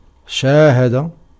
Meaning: to see (with one’s own eyes), to view, to inspect, to watch, to observe, to witness
- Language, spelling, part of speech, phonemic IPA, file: Arabic, شاهد, verb, /ʃaː.ha.da/, Ar-شاهد.ogg